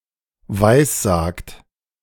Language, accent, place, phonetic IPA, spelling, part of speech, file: German, Germany, Berlin, [ˈvaɪ̯sˌzaːkt], weissagt, verb, De-weissagt.ogg
- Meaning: inflection of weissagen: 1. second-person plural present 2. third-person singular present 3. plural imperative